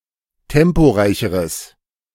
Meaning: strong/mixed nominative/accusative neuter singular comparative degree of temporeich
- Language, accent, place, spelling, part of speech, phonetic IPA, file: German, Germany, Berlin, temporeicheres, adjective, [ˈtɛmpoˌʁaɪ̯çəʁəs], De-temporeicheres.ogg